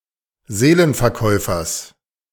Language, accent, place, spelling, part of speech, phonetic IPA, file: German, Germany, Berlin, Seelenverkäufers, noun, [ˈzeːlənfɛɐ̯ˌkɔɪ̯fɐs], De-Seelenverkäufers.ogg
- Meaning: genitive singular of Seelenverkäufer